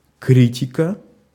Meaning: 1. criticism 2. critique 3. genitive/accusative singular of кри́тик (krítik)
- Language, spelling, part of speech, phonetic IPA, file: Russian, критика, noun, [ˈkrʲitʲɪkə], Ru-критика.ogg